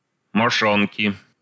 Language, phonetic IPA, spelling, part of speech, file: Russian, [mɐˈʂonkʲɪ], мошонки, noun, Ru-мошонки.ogg
- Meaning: inflection of мошо́нка (mošónka): 1. genitive singular 2. nominative/accusative plural